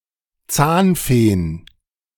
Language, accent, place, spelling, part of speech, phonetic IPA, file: German, Germany, Berlin, Zahnfeen, noun, [ˈt͡saːnˌfeːn], De-Zahnfeen.ogg
- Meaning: plural of Zahnfee